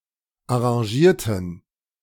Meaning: inflection of arrangieren: 1. first/third-person plural preterite 2. first/third-person plural subjunctive II
- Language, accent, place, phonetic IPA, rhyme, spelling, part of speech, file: German, Germany, Berlin, [aʁɑ̃ˈʒiːɐ̯tn̩], -iːɐ̯tn̩, arrangierten, adjective / verb, De-arrangierten.ogg